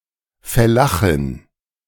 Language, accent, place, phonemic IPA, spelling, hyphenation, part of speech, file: German, Germany, Berlin, /fɛˈlaχɪn/, Fellachin, Fel‧la‧chin, noun, De-Fellachin.ogg
- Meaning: A female fellah